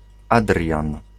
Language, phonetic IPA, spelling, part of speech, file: Polish, [ˈadrʲjãn], Adrian, proper noun / noun, Pl-Adrian.ogg